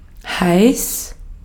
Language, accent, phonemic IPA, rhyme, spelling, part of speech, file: German, Austria, /haɪ̯s/, -aɪ̯s, heiß, adjective, De-at-heiß.ogg
- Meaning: 1. hot (having a high temperature) 2. hot; horny (sexually aroused)